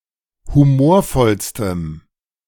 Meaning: strong dative masculine/neuter singular superlative degree of humorvoll
- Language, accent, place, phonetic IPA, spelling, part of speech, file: German, Germany, Berlin, [huˈmoːɐ̯ˌfɔlstəm], humorvollstem, adjective, De-humorvollstem.ogg